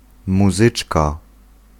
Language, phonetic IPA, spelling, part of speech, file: Polish, [muˈzɨt͡ʃka], muzyczka, noun, Pl-muzyczka.ogg